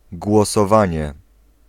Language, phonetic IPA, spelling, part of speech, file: Polish, [ˌɡwɔsɔˈvãɲɛ], głosowanie, noun, Pl-głosowanie.ogg